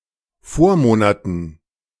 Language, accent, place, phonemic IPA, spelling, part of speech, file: German, Germany, Berlin, /ˈfoːɐ̯ˌmoːnatən/, Vormonaten, noun, De-Vormonaten.ogg
- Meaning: dative plural of Vormonat